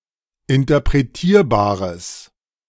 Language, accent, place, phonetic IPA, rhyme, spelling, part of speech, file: German, Germany, Berlin, [ɪntɐpʁeˈtiːɐ̯baːʁəs], -iːɐ̯baːʁəs, interpretierbares, adjective, De-interpretierbares.ogg
- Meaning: strong/mixed nominative/accusative neuter singular of interpretierbar